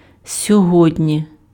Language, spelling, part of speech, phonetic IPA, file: Ukrainian, сьогодні, adverb, [sʲɔˈɦɔdʲnʲi], Uk-сьогодні.ogg
- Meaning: today (on the current day)